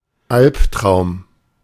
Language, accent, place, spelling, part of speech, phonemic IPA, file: German, Germany, Berlin, Alptraum, noun, /ˈalptʁaʊ̯m/, De-Alptraum.ogg
- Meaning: alternative spelling of Albtraum